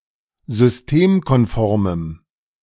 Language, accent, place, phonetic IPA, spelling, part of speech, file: German, Germany, Berlin, [zʏsˈteːmkɔnˌfɔʁməm], systemkonformem, adjective, De-systemkonformem.ogg
- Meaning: strong dative masculine/neuter singular of systemkonform